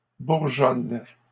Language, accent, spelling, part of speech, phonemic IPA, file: French, Canada, bourgeonne, verb, /buʁ.ʒɔn/, LL-Q150 (fra)-bourgeonne.wav
- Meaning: inflection of bourgeonner: 1. first/third-person singular present indicative/subjunctive 2. second-person singular imperative